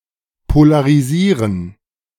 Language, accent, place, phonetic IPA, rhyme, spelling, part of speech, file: German, Germany, Berlin, [polaʁiˈziːʁən], -iːʁən, polarisieren, verb, De-polarisieren.ogg
- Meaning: 1. to create electrical or magnetic poles 2. to create a fixed direction of vibration from irregular transverse vibrations in natural light